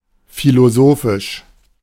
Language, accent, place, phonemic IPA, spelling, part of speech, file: German, Germany, Berlin, /filoˈzoːfɪʃ/, philosophisch, adjective, De-philosophisch.ogg
- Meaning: philosophical